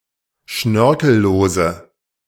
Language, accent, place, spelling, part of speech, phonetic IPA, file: German, Germany, Berlin, schnörkellose, adjective, [ˈʃnœʁkl̩ˌloːzə], De-schnörkellose.ogg
- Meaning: inflection of schnörkellos: 1. strong/mixed nominative/accusative feminine singular 2. strong nominative/accusative plural 3. weak nominative all-gender singular